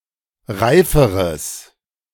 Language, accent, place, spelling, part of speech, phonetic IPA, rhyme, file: German, Germany, Berlin, reiferes, adjective, [ˈʁaɪ̯fəʁəs], -aɪ̯fəʁəs, De-reiferes.ogg
- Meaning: strong/mixed nominative/accusative neuter singular comparative degree of reif